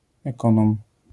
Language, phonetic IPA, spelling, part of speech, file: Polish, [ɛˈkɔ̃nɔ̃m], ekonom, noun, LL-Q809 (pol)-ekonom.wav